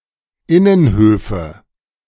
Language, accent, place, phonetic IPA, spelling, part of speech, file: German, Germany, Berlin, [ˈɪnənˌhøːfə], Innenhöfe, noun, De-Innenhöfe.ogg
- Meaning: nominative/accusative/genitive plural of Innenhof